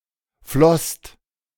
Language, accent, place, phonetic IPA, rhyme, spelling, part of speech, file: German, Germany, Berlin, [flɔst], -ɔst, flosst, verb, De-flosst.ogg
- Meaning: second-person singular/plural preterite of fließen